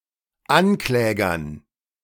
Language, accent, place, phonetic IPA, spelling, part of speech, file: German, Germany, Berlin, [ˈanˌklɛːɡɐn], Anklägern, noun, De-Anklägern.ogg
- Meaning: dative plural of Ankläger